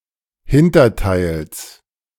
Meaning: genitive of Hinterteil
- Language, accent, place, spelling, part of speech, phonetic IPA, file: German, Germany, Berlin, Hinterteils, noun, [ˈhɪntɐˌtaɪ̯ls], De-Hinterteils.ogg